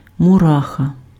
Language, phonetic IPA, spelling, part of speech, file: Ukrainian, [mʊˈraxɐ], мураха, noun, Uk-мураха.ogg
- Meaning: ant